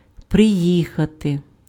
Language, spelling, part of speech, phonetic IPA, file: Ukrainian, приїхати, verb, [preˈjixɐte], Uk-приїхати.ogg
- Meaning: to arrive, to come (by vehicle or horse)